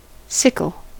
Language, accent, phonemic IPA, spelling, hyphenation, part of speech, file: English, US, /ˈsɪkl̩/, sickle, sic‧kle, noun / verb, En-us-sickle.ogg
- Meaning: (noun) An implement having a semicircular blade and short handle, used for cutting long grass and cereal crops